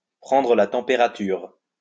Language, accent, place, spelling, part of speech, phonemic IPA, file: French, France, Lyon, prendre la température, verb, /pʁɑ̃.dʁə la tɑ̃.pe.ʁa.tyʁ/, LL-Q150 (fra)-prendre la température.wav
- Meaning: 1. to take someone's temperature, to measure the temperature of someone 2. to test the water; to sound out, to gauge, to put out feelers